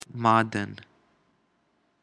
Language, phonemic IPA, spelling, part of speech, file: Pashto, /mɑd̪ən/, معدن, noun, معدن-pashto.ogg
- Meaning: mineral